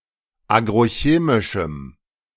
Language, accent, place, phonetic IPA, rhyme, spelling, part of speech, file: German, Germany, Berlin, [ˌaːɡʁoˈçeːmɪʃm̩], -eːmɪʃm̩, agrochemischem, adjective, De-agrochemischem.ogg
- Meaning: strong dative masculine/neuter singular of agrochemisch